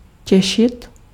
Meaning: 1. to please, to make happy 2. [with accusative] to look forward to 3. to enjoy (the benefits of something)
- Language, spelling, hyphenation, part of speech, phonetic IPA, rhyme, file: Czech, těšit, tě‧šit, verb, [ˈcɛʃɪt], -ɛʃɪt, Cs-těšit.ogg